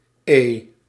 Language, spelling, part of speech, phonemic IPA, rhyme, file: Dutch, e, character, /eː/, -eː, Nl-e.ogg
- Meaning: The fifth letter of the Dutch alphabet, written in the Latin script